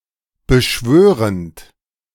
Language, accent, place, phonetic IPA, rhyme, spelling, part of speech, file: German, Germany, Berlin, [bəˈʃvøːʁənt], -øːʁənt, beschwörend, verb, De-beschwörend.ogg
- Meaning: present participle of beschwören